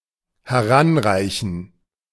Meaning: to reach
- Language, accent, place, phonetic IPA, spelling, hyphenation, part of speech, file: German, Germany, Berlin, [hɛˈʁanˌʁaɪ̯çn̩], heranreichen, he‧r‧an‧rei‧chen, verb, De-heranreichen.ogg